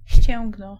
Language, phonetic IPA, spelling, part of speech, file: Polish, [ˈɕt͡ɕɛ̃ŋɡnɔ], ścięgno, noun, Pl-ścięgno.ogg